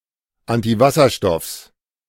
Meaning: genitive of Antiwasserstoff
- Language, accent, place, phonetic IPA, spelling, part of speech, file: German, Germany, Berlin, [ˌantiˈvasɐʃtɔfs], Antiwasserstoffs, noun, De-Antiwasserstoffs.ogg